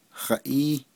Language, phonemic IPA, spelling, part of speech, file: Navajo, /hɑ̀ʔíː/, haʼíí, pronoun, Nv-haʼíí.ogg
- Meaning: what?